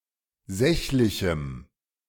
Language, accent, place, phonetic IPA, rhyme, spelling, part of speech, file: German, Germany, Berlin, [ˈzɛçlɪçm̩], -ɛçlɪçm̩, sächlichem, adjective, De-sächlichem.ogg
- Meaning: strong dative masculine/neuter singular of sächlich